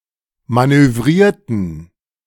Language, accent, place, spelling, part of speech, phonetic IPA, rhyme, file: German, Germany, Berlin, manövrierten, adjective / verb, [ˌmanøˈvʁiːɐ̯tn̩], -iːɐ̯tn̩, De-manövrierten.ogg
- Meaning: inflection of manövrieren: 1. first/third-person plural preterite 2. first/third-person plural subjunctive II